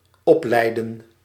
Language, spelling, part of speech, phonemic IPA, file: Dutch, opleiden, verb, /ˈɔplɛidə(n)/, Nl-opleiden.ogg
- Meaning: 1. to lead up 2. to bring up, educate 3. to coach, train